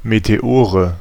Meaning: nominative/accusative/genitive plural of Meteor
- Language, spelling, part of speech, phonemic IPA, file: German, Meteore, noun, /meteˈoːʁə/, De-Meteore.ogg